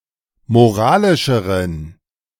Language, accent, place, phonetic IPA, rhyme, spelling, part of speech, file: German, Germany, Berlin, [moˈʁaːlɪʃəʁən], -aːlɪʃəʁən, moralischeren, adjective, De-moralischeren.ogg
- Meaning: inflection of moralisch: 1. strong genitive masculine/neuter singular comparative degree 2. weak/mixed genitive/dative all-gender singular comparative degree